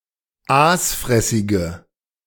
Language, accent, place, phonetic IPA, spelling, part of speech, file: German, Germany, Berlin, [ˈaːsˌfʁɛsɪɡə], aasfressige, adjective, De-aasfressige.ogg
- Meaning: inflection of aasfressig: 1. strong/mixed nominative/accusative feminine singular 2. strong nominative/accusative plural 3. weak nominative all-gender singular